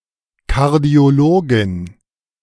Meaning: female equivalent of Kardiologe (“cardiologist”)
- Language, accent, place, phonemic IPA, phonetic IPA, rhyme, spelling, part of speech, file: German, Germany, Berlin, /ˌkaʁdi̯oˈloːɡɪn/, [ˌkʰaɐ̯di̯oˈloːɡɪn], -oːɡɪn, Kardiologin, noun, De-Kardiologin.ogg